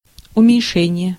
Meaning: 1. reduction (act, process, or result of reducing) 2. diminution 3. lessening 4. mitigation
- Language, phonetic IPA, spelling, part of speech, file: Russian, [ʊmʲɪnʲˈʂɛnʲɪje], уменьшение, noun, Ru-уменьшение.ogg